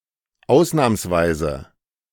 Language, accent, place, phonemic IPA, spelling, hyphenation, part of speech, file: German, Germany, Berlin, /ˈaʊ̯snaːmsˌvaɪ̯zə/, ausnahmsweise, aus‧nahms‧wei‧se, adverb, De-ausnahmsweise.ogg
- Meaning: exceptionally; as an exception